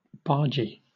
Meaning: 1. A crewman of a working barge 2. A vulgar person, prone to bad language
- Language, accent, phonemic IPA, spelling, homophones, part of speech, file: English, Southern England, /ˈbɑː(ɹ)d͡ʒi/, bargee, bargy, noun, LL-Q1860 (eng)-bargee.wav